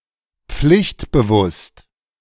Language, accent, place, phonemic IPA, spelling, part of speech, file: German, Germany, Berlin, /ˈpflɪçtbəˌvʊst/, pflichtbewusst, adjective, De-pflichtbewusst.ogg
- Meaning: dutiful, conscientious